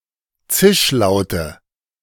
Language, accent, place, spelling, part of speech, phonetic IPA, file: German, Germany, Berlin, Zischlaute, noun, [ˈt͡sɪʃˌlaʊ̯tə], De-Zischlaute.ogg
- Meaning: nominative/accusative/genitive plural of Zischlaut